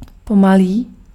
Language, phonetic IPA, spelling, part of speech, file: Czech, [ˈpomaliː], pomalý, adjective, Cs-pomalý.ogg
- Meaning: slow